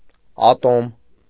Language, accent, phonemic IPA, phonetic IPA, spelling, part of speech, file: Armenian, Eastern Armenian, /ɑˈtom/, [ɑtóm], ատոմ, noun, Hy-ատոմ.ogg
- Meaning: atom